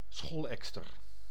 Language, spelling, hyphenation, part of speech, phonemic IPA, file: Dutch, scholekster, schol‧ek‧ster, noun, /ˈsxɔlˌɛk.stər/, Nl-scholekster.ogg
- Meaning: Eurasian oystercatcher (Haematopus ostralegus)